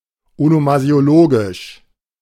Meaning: onomasiological
- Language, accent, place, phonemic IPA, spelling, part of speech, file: German, Germany, Berlin, /onomazi̯oˈloːɡɪʃ/, onomasiologisch, adjective, De-onomasiologisch.ogg